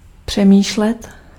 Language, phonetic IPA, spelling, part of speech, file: Czech, [ˈpr̝̊ɛmiːʃlɛt], přemýšlet, verb, Cs-přemýšlet.ogg
- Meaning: 1. to think, to ponder, to contemplate (to go over in one's head) 2. to think (to communicate to oneself in one's mind, to try to find a solution to a problem)